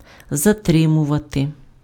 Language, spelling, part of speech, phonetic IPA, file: Ukrainian, затримувати, verb, [zɐˈtrɪmʊʋɐte], Uk-затримувати.ogg
- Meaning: 1. to detain, to hold back, to keep back, to stop (halt the forward movement of) 2. to delay, to slow down, to retard, to hinder, to stem, to check, to inhibit 3. to detain, to arrest, to apprehend